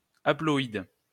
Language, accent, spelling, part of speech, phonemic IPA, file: French, France, haploïde, adjective / noun, /a.plɔ.id/, LL-Q150 (fra)-haploïde.wav
- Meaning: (adjective) haploid; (noun) haploid organism